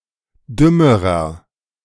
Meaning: inflection of dumm: 1. strong/mixed nominative masculine singular comparative degree 2. strong genitive/dative feminine singular comparative degree 3. strong genitive plural comparative degree
- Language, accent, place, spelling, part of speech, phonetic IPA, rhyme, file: German, Germany, Berlin, dümmerer, adjective, [ˈdʏməʁɐ], -ʏməʁɐ, De-dümmerer.ogg